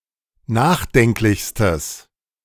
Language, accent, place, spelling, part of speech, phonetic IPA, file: German, Germany, Berlin, nachdenklichstes, adjective, [ˈnaːxˌdɛŋklɪçstəs], De-nachdenklichstes.ogg
- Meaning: strong/mixed nominative/accusative neuter singular superlative degree of nachdenklich